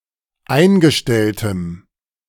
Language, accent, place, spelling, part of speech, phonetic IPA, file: German, Germany, Berlin, eingestelltem, adjective, [ˈaɪ̯nɡəˌʃtɛltəm], De-eingestelltem.ogg
- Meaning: strong dative masculine/neuter singular of eingestellt